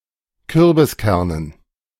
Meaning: dative plural of Kürbiskern
- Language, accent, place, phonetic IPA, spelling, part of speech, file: German, Germany, Berlin, [ˈkʏʁbɪsˌkɛʁnən], Kürbiskernen, noun, De-Kürbiskernen.ogg